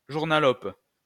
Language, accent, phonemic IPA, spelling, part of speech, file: French, France, /ʒuʁ.na.lɔp/, journalope, noun, LL-Q150 (fra)-journalope.wav
- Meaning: hack (journalist); presstitute